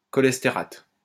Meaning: cholesterate
- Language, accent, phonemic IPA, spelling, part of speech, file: French, France, /kɔ.lɛs.te.ʁat/, cholestérate, noun, LL-Q150 (fra)-cholestérate.wav